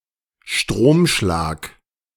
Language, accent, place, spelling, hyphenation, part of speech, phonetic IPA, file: German, Germany, Berlin, Stromschlag, Strom‧schlag, noun, [ˈʃtʁoːmˌʃlaːk], De-Stromschlag.ogg
- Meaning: electric shock